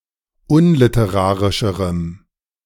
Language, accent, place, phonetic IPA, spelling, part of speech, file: German, Germany, Berlin, [ˈʊnlɪtəˌʁaːʁɪʃəʁəm], unliterarischerem, adjective, De-unliterarischerem.ogg
- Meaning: strong dative masculine/neuter singular comparative degree of unliterarisch